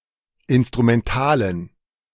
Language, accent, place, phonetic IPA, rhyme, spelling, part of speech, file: German, Germany, Berlin, [ˌɪnstʁumɛnˈtaːlən], -aːlən, instrumentalen, adjective, De-instrumentalen.ogg
- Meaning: inflection of instrumental: 1. strong genitive masculine/neuter singular 2. weak/mixed genitive/dative all-gender singular 3. strong/weak/mixed accusative masculine singular 4. strong dative plural